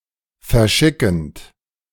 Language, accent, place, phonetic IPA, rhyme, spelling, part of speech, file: German, Germany, Berlin, [fɛɐ̯ˈʃɪkn̩t], -ɪkn̩t, verschickend, verb, De-verschickend.ogg
- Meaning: present participle of verschicken